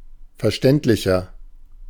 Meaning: 1. comparative degree of verständlich 2. inflection of verständlich: strong/mixed nominative masculine singular 3. inflection of verständlich: strong genitive/dative feminine singular
- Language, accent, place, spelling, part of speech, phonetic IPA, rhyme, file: German, Germany, Berlin, verständlicher, adjective, [fɛɐ̯ˈʃtɛntlɪçɐ], -ɛntlɪçɐ, De-verständlicher.ogg